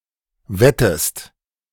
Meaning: inflection of wetten: 1. second-person singular present 2. second-person singular subjunctive I
- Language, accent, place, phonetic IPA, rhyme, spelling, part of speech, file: German, Germany, Berlin, [ˈvɛtəst], -ɛtəst, wettest, verb, De-wettest.ogg